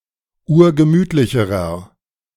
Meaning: inflection of urgemütlich: 1. strong/mixed nominative masculine singular comparative degree 2. strong genitive/dative feminine singular comparative degree 3. strong genitive plural comparative degree
- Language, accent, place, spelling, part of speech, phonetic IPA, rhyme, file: German, Germany, Berlin, urgemütlicherer, adjective, [ˈuːɐ̯ɡəˈmyːtlɪçəʁɐ], -yːtlɪçəʁɐ, De-urgemütlicherer.ogg